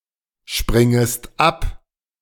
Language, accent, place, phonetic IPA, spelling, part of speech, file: German, Germany, Berlin, [ˌʃpʁɪŋəst ˈap], springest ab, verb, De-springest ab.ogg
- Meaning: second-person singular subjunctive I of abspringen